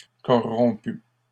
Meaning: feminine singular of corrompu
- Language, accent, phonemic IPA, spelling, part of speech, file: French, Canada, /kɔ.ʁɔ̃.py/, corrompue, adjective, LL-Q150 (fra)-corrompue.wav